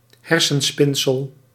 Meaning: figment, fantasy
- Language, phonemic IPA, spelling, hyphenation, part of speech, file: Dutch, /ˈɦɛr.sənˌspɪn.səl/, hersenspinsel, her‧sen‧spin‧sel, noun, Nl-hersenspinsel.ogg